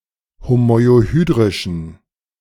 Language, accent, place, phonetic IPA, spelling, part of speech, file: German, Germany, Berlin, [homɔɪ̯oˈhyːdʁɪʃn̩], homoiohydrischen, adjective, De-homoiohydrischen.ogg
- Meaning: inflection of homoiohydrisch: 1. strong genitive masculine/neuter singular 2. weak/mixed genitive/dative all-gender singular 3. strong/weak/mixed accusative masculine singular 4. strong dative plural